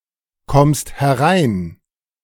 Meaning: second-person singular present of hereinkommen
- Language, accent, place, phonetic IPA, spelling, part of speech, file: German, Germany, Berlin, [ˌkɔmst hɛˈʁaɪ̯n], kommst herein, verb, De-kommst herein.ogg